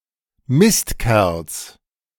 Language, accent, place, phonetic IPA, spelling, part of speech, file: German, Germany, Berlin, [ˈmɪstˌkɛʁls], Mistkerls, noun, De-Mistkerls.ogg
- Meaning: genitive singular of Mistkerl